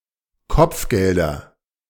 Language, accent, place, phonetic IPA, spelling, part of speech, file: German, Germany, Berlin, [ˈkɔp͡fˌɡɛldɐ], Kopfgelder, noun, De-Kopfgelder.ogg
- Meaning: nominative/accusative/genitive plural of Kopfgeld